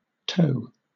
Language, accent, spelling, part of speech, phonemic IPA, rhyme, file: English, Southern England, tow, verb / noun, /təʊ/, -əʊ, LL-Q1860 (eng)-tow.wav
- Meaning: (verb) 1. To pull something behind one, such as by using a line, chain, or tongue 2. To aid someone behind by shielding them from wind resistance